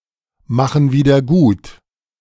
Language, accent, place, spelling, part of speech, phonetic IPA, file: German, Germany, Berlin, machen wieder gut, verb, [ˌmaxn̩ ˌviːdɐ ˈɡuːt], De-machen wieder gut.ogg
- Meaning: inflection of wiedergutmachen: 1. first/third-person plural present 2. first/third-person plural subjunctive I